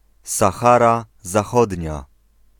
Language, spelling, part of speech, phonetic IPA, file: Polish, Sahara Zachodnia, proper noun, [saˈxara zaˈxɔdʲɲa], Pl-Sahara Zachodnia.ogg